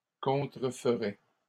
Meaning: third-person plural conditional of contrefaire
- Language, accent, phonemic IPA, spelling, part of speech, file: French, Canada, /kɔ̃.tʁə.f(ə).ʁɛ/, contreferaient, verb, LL-Q150 (fra)-contreferaient.wav